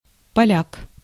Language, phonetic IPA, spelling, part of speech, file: Russian, [pɐˈlʲak], поляк, noun, Ru-поляк.ogg
- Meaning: 1. Pole, Polish man 2. Polack